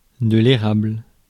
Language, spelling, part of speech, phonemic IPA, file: French, érable, noun, /e.ʁabl/, Fr-érable.ogg
- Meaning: maple